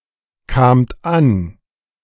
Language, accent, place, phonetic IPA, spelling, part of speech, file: German, Germany, Berlin, [ˌkaːmt ˈan], kamt an, verb, De-kamt an.ogg
- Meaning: second-person plural preterite of ankommen